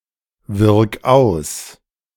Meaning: 1. singular imperative of auswirken 2. first-person singular present of auswirken
- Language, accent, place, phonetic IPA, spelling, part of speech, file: German, Germany, Berlin, [ˌvɪʁk ˈaʊ̯s], wirk aus, verb, De-wirk aus.ogg